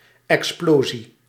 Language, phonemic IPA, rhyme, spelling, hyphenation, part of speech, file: Dutch, /ɛksˈploː.zi/, -oːzi, explosie, ex‧plo‧sie, noun, Nl-explosie.ogg
- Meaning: explosion